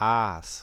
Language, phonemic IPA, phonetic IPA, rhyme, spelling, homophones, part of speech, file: German, /aːs/, [ʔäːs], -aːs, Aas, aß, noun, De-Aas.ogg
- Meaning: 1. carrion (perished animal, especially as food for scavengers) 2. bait